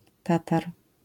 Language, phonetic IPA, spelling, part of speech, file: Polish, [ˈtatar], tatar, noun, LL-Q809 (pol)-tatar.wav